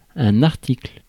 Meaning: 1. article (a piece of nonfictional writing) 2. article 3. merchandise, sales article 4. section (of a law) 5. joint, articulation 6. moment (only in the phrase à l'article de la mort)
- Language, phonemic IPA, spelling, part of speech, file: French, /aʁ.tikl/, article, noun, Fr-article.ogg